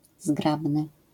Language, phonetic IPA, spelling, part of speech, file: Polish, [ˈzɡrabnɨ], zgrabny, adjective, LL-Q809 (pol)-zgrabny.wav